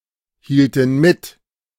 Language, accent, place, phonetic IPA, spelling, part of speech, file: German, Germany, Berlin, [ˌhiːltn̩ ˈmɪt], hielten mit, verb, De-hielten mit.ogg
- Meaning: inflection of mithalten: 1. first/third-person plural preterite 2. first/third-person plural subjunctive II